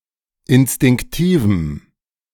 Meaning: strong dative masculine/neuter singular of instinktiv
- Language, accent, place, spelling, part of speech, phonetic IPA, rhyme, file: German, Germany, Berlin, instinktivem, adjective, [ɪnstɪŋkˈtiːvm̩], -iːvm̩, De-instinktivem.ogg